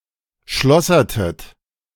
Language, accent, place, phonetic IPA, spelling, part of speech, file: German, Germany, Berlin, [ˈʃlɔsɐtət], schlossertet, verb, De-schlossertet.ogg
- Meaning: inflection of schlossern: 1. second-person plural preterite 2. second-person plural subjunctive II